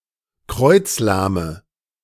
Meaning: inflection of kreuzlahm: 1. strong/mixed nominative/accusative feminine singular 2. strong nominative/accusative plural 3. weak nominative all-gender singular
- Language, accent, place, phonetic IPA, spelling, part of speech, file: German, Germany, Berlin, [ˈkʁɔɪ̯t͡sˌlaːmə], kreuzlahme, adjective, De-kreuzlahme.ogg